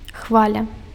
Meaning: wave
- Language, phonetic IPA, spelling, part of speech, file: Belarusian, [ˈxvalʲa], хваля, noun, Be-хваля.ogg